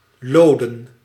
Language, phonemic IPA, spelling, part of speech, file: Dutch, /ˈloː.də(n)/, loden, adjective, Nl-loden.ogg
- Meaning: leaden, made of lead